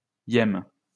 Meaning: -st, -nd, and -th; forms ordinal numbers
- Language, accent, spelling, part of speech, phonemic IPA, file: French, France, -ième, suffix, /jɛm/, LL-Q150 (fra)--ième.wav